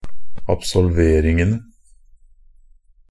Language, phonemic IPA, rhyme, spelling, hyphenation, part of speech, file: Norwegian Bokmål, /absɔlˈʋeːrɪŋənə/, -ənə, absolveringene, ab‧sol‧ver‧ing‧en‧e, noun, NB - Pronunciation of Norwegian Bokmål «absolveringene».ogg
- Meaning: definite plural of absolvering